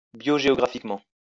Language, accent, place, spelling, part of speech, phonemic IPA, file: French, France, Lyon, biogéographiquement, adverb, /bjo.ʒe.ɔ.ɡʁa.fik.mɑ̃/, LL-Q150 (fra)-biogéographiquement.wav
- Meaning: biogeographically